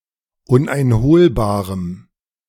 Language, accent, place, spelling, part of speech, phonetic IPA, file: German, Germany, Berlin, uneinholbarem, adjective, [ˌʊnʔaɪ̯nˈhoːlbaːʁəm], De-uneinholbarem.ogg
- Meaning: strong dative masculine/neuter singular of uneinholbar